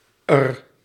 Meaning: contraction of haar
- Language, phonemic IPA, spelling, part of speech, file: Dutch, /ər/, 'r, pronoun, Nl-'r.ogg